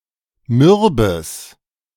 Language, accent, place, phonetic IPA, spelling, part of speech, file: German, Germany, Berlin, [ˈmʏʁbəs], mürbes, adjective, De-mürbes.ogg
- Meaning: strong/mixed nominative/accusative neuter singular of mürb